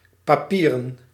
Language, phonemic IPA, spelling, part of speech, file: Dutch, /paˈpirə(n)/, papieren, noun / adjective / verb, Nl-papieren.ogg
- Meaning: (adjective) paper (made of paper); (noun) plural of papier